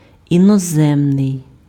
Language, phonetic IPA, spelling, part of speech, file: Ukrainian, [inɔˈzɛmnei̯], іноземний, adjective, Uk-іноземний.ogg
- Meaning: foreign